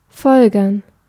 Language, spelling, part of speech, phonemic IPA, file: German, folgern, verb, /ˈfɔlɡɐn/, De-folgern.ogg
- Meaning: 1. to conclude, to deduce, to infer 2. to conclude (a discussion, etc.)